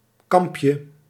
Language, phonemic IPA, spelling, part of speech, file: Dutch, /ˈkɑmpjə/, kampje, noun, Nl-kampje.ogg
- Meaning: diminutive of kamp